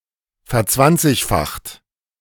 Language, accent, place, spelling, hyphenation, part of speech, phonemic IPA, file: German, Germany, Berlin, verzwanzigfacht, ver‧zwan‧zig‧facht, verb, /fɛɐ̯ˈt͡svant͡sɪçfaxt/, De-verzwanzigfacht.ogg
- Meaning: 1. past participle of verzwanzigfachen 2. inflection of verzwanzigfachen: second-person plural present 3. inflection of verzwanzigfachen: third-person singular present